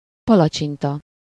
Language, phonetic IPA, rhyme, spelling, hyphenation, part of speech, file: Hungarian, [ˈpɒlɒt͡ʃintɒ], -tɒ, palacsinta, pa‧la‧csin‧ta, noun, Hu-palacsinta.ogg
- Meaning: pancake, crêpe (thin batter cake)